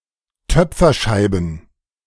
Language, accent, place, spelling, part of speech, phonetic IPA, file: German, Germany, Berlin, Töpferscheiben, noun, [ˈtœp͡fɐˌʃaɪ̯bn̩], De-Töpferscheiben.ogg
- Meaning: plural of Töpferscheibe